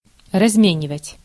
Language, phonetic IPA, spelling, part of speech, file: Russian, [rɐzˈmʲenʲɪvətʲ], разменивать, verb, Ru-разменивать.ogg
- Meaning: 1. to change (money for lesser units) 2. to exchange 3. to live to certain age